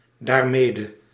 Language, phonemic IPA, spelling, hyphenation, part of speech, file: Dutch, /daːrˈmeː.də/, daarmede, daar‧me‧de, adverb, Nl-daarmede.ogg
- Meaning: alternative form of daarmee